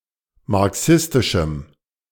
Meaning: strong dative masculine/neuter singular of marxistisch
- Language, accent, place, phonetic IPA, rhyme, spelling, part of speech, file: German, Germany, Berlin, [maʁˈksɪstɪʃm̩], -ɪstɪʃm̩, marxistischem, adjective, De-marxistischem.ogg